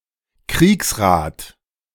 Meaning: council of war
- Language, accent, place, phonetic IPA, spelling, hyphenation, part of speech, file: German, Germany, Berlin, [ˈkʁiːksˌʁaːt], Kriegsrat, Kriegs‧rat, noun, De-Kriegsrat.ogg